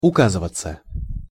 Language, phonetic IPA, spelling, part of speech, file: Russian, [ʊˈkazɨvət͡sə], указываться, verb, Ru-указываться.ogg
- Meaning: passive of ука́зывать (ukázyvatʹ)